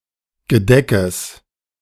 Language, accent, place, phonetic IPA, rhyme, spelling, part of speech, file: German, Germany, Berlin, [ɡəˈdɛkəs], -ɛkəs, Gedeckes, noun, De-Gedeckes.ogg
- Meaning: genitive singular of Gedeck